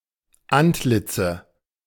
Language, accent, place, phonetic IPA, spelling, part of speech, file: German, Germany, Berlin, [ˈantˌlɪt͡sə], Antlitze, noun, De-Antlitze.ogg
- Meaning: nominative/accusative/genitive plural of Antlitz